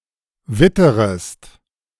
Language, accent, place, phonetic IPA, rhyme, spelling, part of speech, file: German, Germany, Berlin, [ˈvɪtəʁəst], -ɪtəʁəst, witterest, verb, De-witterest.ogg
- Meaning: second-person singular subjunctive I of wittern